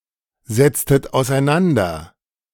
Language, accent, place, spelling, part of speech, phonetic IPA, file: German, Germany, Berlin, setztet auseinander, verb, [zɛt͡stət aʊ̯sʔaɪ̯ˈnandɐ], De-setztet auseinander.ogg
- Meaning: inflection of auseinandersetzen: 1. second-person plural preterite 2. second-person plural subjunctive II